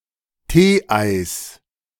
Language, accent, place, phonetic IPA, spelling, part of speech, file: German, Germany, Berlin, [ˈteːˌʔaɪ̯s], Teeeis, noun, De-Teeeis.ogg
- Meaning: genitive singular of Teeei